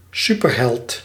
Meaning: a superhero
- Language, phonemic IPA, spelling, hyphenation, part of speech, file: Dutch, /ˈsypərˌɦɛlt/, superheld, su‧per‧held, noun, Nl-superheld.ogg